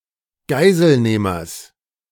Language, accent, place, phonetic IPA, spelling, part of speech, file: German, Germany, Berlin, [ˈɡaɪ̯zəlˌneːmɐs], Geiselnehmers, noun, De-Geiselnehmers.ogg
- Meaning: genitive of Geiselnehmer